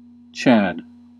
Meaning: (proper noun) 1. A male given name from Old English; also a modern nickname for Charles, Chadwick and similar-sounding names 2. The British version of the "Kilroy was here" graffiti
- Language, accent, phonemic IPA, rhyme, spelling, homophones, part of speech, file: English, US, /t͡ʃæd/, -æd, Chad, chad, proper noun / noun, En-us-Chad.ogg